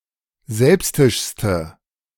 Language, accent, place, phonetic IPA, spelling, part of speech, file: German, Germany, Berlin, [ˈzɛlpstɪʃstə], selbstischste, adjective, De-selbstischste.ogg
- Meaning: inflection of selbstisch: 1. strong/mixed nominative/accusative feminine singular superlative degree 2. strong nominative/accusative plural superlative degree